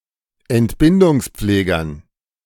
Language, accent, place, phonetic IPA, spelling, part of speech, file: German, Germany, Berlin, [ɛntˈbɪndʊŋsˌp͡fleːɡɐn], Entbindungspflegern, noun, De-Entbindungspflegern.ogg
- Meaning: dative plural of Entbindungspfleger